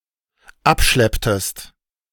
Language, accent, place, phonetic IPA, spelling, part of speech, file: German, Germany, Berlin, [ˈapˌʃlɛptəst], abschlepptest, verb, De-abschlepptest.ogg
- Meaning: inflection of abschleppen: 1. second-person singular dependent preterite 2. second-person singular dependent subjunctive II